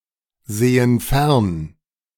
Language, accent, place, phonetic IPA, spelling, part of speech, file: German, Germany, Berlin, [ˌzeːən ˈfɛʁn], sehen fern, verb, De-sehen fern.ogg
- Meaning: inflection of fernsehen: 1. first/third-person plural present 2. first/third-person plural subjunctive I